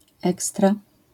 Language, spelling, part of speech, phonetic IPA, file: Polish, ekstra, adjective / adverb, [ˈɛkstra], LL-Q809 (pol)-ekstra.wav